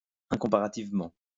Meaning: incomparably
- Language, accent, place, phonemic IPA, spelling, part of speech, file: French, France, Lyon, /ɛ̃.kɔ̃.pa.ʁa.tiv.mɑ̃/, incomparativement, adverb, LL-Q150 (fra)-incomparativement.wav